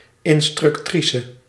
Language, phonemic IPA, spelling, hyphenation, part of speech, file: Dutch, /ɪnstrʏkˈtrisə/, instructrice, in‧struc‧tri‧ce, noun, Nl-instructrice.ogg
- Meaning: instructor (female)